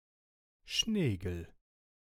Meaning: 1. keelback slug (any of various slugs of the family Limacidae) 2. synonym of Schnecke (“slug, snail”)
- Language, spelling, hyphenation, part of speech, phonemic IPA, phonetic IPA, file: German, Schnegel, Schne‧gel, noun, /ˈʃneːɡəl/, [ˈʃneː.ɡl̩], De-Schnegel.ogg